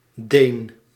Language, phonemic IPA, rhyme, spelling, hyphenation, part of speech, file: Dutch, /deːn/, -eːn, Deen, Deen, noun, Nl-Deen.ogg
- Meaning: 1. Dane (person from Denmark or of Danish descent) 2. short for Deense dog, a canine breed